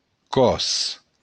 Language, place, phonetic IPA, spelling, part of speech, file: Occitan, Béarn, [kɔs], còs, noun, LL-Q14185 (oci)-còs.wav
- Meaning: body